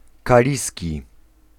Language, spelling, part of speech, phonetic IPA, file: Polish, kaliski, adjective, [kaˈlʲisʲci], Pl-kaliski.ogg